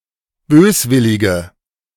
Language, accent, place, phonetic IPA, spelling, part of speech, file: German, Germany, Berlin, [ˈbøːsˌvɪlɪɡə], böswillige, adjective, De-böswillige.ogg
- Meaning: inflection of böswillig: 1. strong/mixed nominative/accusative feminine singular 2. strong nominative/accusative plural 3. weak nominative all-gender singular